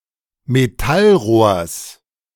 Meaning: genitive singular of Metallrohr
- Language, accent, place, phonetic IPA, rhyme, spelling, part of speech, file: German, Germany, Berlin, [meˈtalˌʁoːɐ̯s], -alʁoːɐ̯s, Metallrohrs, noun, De-Metallrohrs.ogg